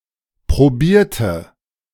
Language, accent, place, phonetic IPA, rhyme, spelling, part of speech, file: German, Germany, Berlin, [pʁoˈbiːɐ̯tə], -iːɐ̯tə, probierte, adjective / verb, De-probierte.ogg
- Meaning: inflection of probieren: 1. first/third-person singular preterite 2. first/third-person singular subjunctive II